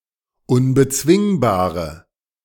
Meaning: inflection of unbezwingbar: 1. strong/mixed nominative/accusative feminine singular 2. strong nominative/accusative plural 3. weak nominative all-gender singular
- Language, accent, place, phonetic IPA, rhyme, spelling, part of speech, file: German, Germany, Berlin, [ʊnbəˈt͡svɪŋbaːʁə], -ɪŋbaːʁə, unbezwingbare, adjective, De-unbezwingbare.ogg